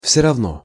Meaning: 1. it’s all the same; it doesn’t matter 2. anyway; in any case
- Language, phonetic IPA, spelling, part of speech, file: Russian, [ˌfsʲɵ rɐvˈno], всё равно, adverb, Ru-всё равно.ogg